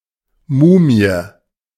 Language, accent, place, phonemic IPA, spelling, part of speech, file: German, Germany, Berlin, /ˈmuːmi̯ə/, Mumie, noun, De-Mumie.ogg
- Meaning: mummy (embalmed corpse)